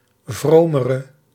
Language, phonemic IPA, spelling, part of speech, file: Dutch, /vromərə/, vromere, adjective, Nl-vromere.ogg
- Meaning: inflection of vroom: 1. indefinite masculine and feminine singular comparative degree 2. indefinite plural comparative degree 3. definite comparative degree